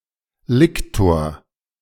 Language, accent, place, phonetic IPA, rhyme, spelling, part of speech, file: German, Germany, Berlin, [ˈlɪktoːɐ̯], -ɪktoːɐ̯, Liktor, noun, De-Liktor.ogg
- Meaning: lictor